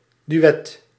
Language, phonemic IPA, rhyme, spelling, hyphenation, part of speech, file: Dutch, /dyˈɛt/, -ɛt, duet, du‧et, noun, Nl-duet.ogg
- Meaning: 1. a duet (musical piece performed by two players or two singers) 2. a ballet routine performed by two dancers